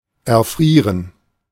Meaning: to freeze to death
- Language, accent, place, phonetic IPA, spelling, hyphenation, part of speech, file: German, Germany, Berlin, [ɛɐ̯ˈfʁiːʁən], erfrieren, er‧frie‧ren, verb, De-erfrieren.ogg